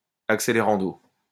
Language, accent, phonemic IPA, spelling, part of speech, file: French, France, /ak.se.le.ʁɑ̃.do/, accelerando, adverb, LL-Q150 (fra)-accelerando.wav
- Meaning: accelerando